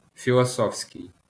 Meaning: philosophical, philosophic
- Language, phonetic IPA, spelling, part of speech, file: Ukrainian, [fʲiɫɔˈsɔfsʲkei̯], філософський, adjective, LL-Q8798 (ukr)-філософський.wav